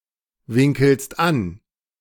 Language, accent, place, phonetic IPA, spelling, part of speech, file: German, Germany, Berlin, [ˌvɪŋkl̩st ˈan], winkelst an, verb, De-winkelst an.ogg
- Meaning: second-person singular present of anwinkeln